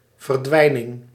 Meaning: disappearance
- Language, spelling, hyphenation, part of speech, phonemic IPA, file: Dutch, verdwijning, ver‧dwij‧ning, noun, /vərˈdʋɛi̯.nɪŋ/, Nl-verdwijning.ogg